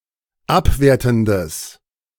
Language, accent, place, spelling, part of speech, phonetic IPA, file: German, Germany, Berlin, abwertendes, adjective, [ˈapˌveːɐ̯tn̩dəs], De-abwertendes.ogg
- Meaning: strong/mixed nominative/accusative neuter singular of abwertend